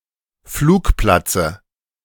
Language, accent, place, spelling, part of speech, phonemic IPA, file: German, Germany, Berlin, Flugplatze, noun, /ˈfluːkˌplat͡sə/, De-Flugplatze.ogg
- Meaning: dative singular of Flugplatz